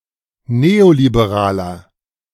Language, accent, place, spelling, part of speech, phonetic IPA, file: German, Germany, Berlin, neoliberaler, adjective, [ˈneːolibeˌʁaːlɐ], De-neoliberaler.ogg
- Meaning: inflection of neoliberal: 1. strong/mixed nominative masculine singular 2. strong genitive/dative feminine singular 3. strong genitive plural